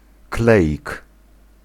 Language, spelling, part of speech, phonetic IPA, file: Polish, kleik, noun, [ˈklɛʲik], Pl-kleik.ogg